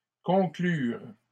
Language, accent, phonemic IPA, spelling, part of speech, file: French, Canada, /kɔ̃.klyʁ/, conclurent, verb, LL-Q150 (fra)-conclurent.wav
- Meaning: third-person plural past historic of conclure